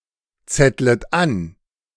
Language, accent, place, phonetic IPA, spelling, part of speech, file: German, Germany, Berlin, [ˌt͡sɛtlət ˈan], zettlet an, verb, De-zettlet an.ogg
- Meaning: second-person plural subjunctive I of anzetteln